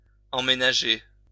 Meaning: to move in (to a new home)
- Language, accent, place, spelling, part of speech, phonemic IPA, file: French, France, Lyon, emménager, verb, /ɑ̃.me.na.ʒe/, LL-Q150 (fra)-emménager.wav